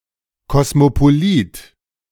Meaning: cosmopolite (cosmopolitan person)
- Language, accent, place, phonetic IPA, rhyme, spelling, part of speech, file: German, Germany, Berlin, [kɔsmopoˈliːt], -iːt, Kosmopolit, noun, De-Kosmopolit.ogg